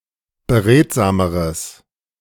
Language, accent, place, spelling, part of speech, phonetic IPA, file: German, Germany, Berlin, beredsameres, adjective, [bəˈʁeːtzaːməʁəs], De-beredsameres.ogg
- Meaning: strong/mixed nominative/accusative neuter singular comparative degree of beredsam